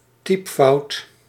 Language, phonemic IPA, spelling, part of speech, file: Dutch, /ˈtipfɑut/, typefout, noun, Nl-typefout.ogg
- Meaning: alternative spelling of typfout